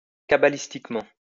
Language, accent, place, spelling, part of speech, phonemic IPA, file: French, France, Lyon, cabalistiquement, adverb, /ka.ba.lis.tik.mɑ̃/, LL-Q150 (fra)-cabalistiquement.wav
- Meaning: cabalistically